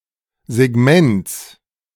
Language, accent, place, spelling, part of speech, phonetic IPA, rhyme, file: German, Germany, Berlin, Segments, noun, [zeˈɡmɛnt͡s], -ɛnt͡s, De-Segments.ogg
- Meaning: genitive singular of Segment